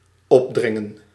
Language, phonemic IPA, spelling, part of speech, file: Dutch, /ˈɔbdrɪŋə(n)/, opdringen, verb, Nl-opdringen.ogg
- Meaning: to thrust or force something upon someone; to forcibly make someone accept something